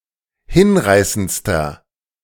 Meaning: inflection of hinreißend: 1. strong/mixed nominative masculine singular superlative degree 2. strong genitive/dative feminine singular superlative degree 3. strong genitive plural superlative degree
- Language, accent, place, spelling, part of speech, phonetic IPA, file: German, Germany, Berlin, hinreißendster, adjective, [ˈhɪnˌʁaɪ̯sənt͡stɐ], De-hinreißendster.ogg